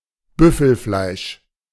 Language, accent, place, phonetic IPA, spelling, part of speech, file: German, Germany, Berlin, [ˈbʏfl̩ˌflaɪ̯ʃ], Büffelfleisch, noun, De-Büffelfleisch.ogg
- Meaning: buffalo meat